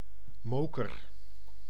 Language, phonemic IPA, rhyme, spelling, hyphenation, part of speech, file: Dutch, /ˈmoː.kər/, -oːkər, moker, mo‧ker, noun, Nl-moker.ogg
- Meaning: lump hammer